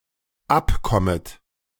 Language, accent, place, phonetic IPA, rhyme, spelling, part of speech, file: German, Germany, Berlin, [ˈapˌkɔmət], -apkɔmət, abkommet, verb, De-abkommet.ogg
- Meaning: second-person plural dependent subjunctive I of abkommen